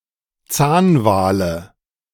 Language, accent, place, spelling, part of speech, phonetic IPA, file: German, Germany, Berlin, Zahnwale, noun, [ˈt͡saːnˌvaːlə], De-Zahnwale.ogg
- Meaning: nominative/accusative/genitive plural of Zahnwal